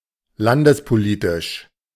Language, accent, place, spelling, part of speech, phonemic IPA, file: German, Germany, Berlin, landespolitisch, adjective, /ˈlandəspoˌliːtɪʃ/, De-landespolitisch.ogg
- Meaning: of national politics